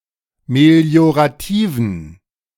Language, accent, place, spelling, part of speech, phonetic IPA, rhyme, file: German, Germany, Berlin, meliorativen, adjective, [meli̯oʁaˈtiːvn̩], -iːvn̩, De-meliorativen.ogg
- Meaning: inflection of meliorativ: 1. strong genitive masculine/neuter singular 2. weak/mixed genitive/dative all-gender singular 3. strong/weak/mixed accusative masculine singular 4. strong dative plural